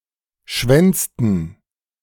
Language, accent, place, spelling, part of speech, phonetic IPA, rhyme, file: German, Germany, Berlin, schwänzten, verb, [ˈʃvɛnt͡stn̩], -ɛnt͡stn̩, De-schwänzten.ogg
- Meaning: inflection of schwänzen: 1. first/third-person plural preterite 2. first/third-person plural subjunctive II